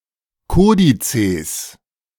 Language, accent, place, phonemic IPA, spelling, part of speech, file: German, Germany, Berlin, /ˈkoːdiˌtseːs/, Kodizes, noun, De-Kodizes.ogg
- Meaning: plural of Kodex